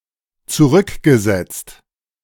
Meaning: past participle of zurücksetzen
- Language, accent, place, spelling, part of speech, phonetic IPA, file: German, Germany, Berlin, zurückgesetzt, verb, [t͡suˈʁʏkɡəˌzɛt͡st], De-zurückgesetzt.ogg